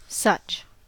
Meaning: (determiner) 1. Like this, that, these, those; used to make a comparison with something implied by context 2. Any 3. Used as an intensifier roughly equivalent to very much (of), quite or rather
- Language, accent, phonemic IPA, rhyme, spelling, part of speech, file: English, US, /sʌt͡ʃ/, -ʌtʃ, such, determiner / pronoun / noun, En-us-such.ogg